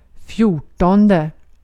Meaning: fourteenth
- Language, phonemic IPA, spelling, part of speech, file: Swedish, /ˈfjuːˌʈɔndɛ/, fjortonde, numeral, Sv-fjortonde.ogg